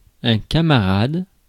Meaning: 1. buddy, mate 2. comrade (companion or fellow socialist or communist)
- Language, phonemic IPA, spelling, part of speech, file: French, /ka.ma.ʁad/, camarade, noun, Fr-camarade.ogg